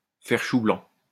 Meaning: to fail; to miss the mark; to draw a blank; to come up empty-handed
- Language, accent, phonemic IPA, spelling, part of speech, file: French, France, /fɛʁ ʃu blɑ̃/, faire chou blanc, verb, LL-Q150 (fra)-faire chou blanc.wav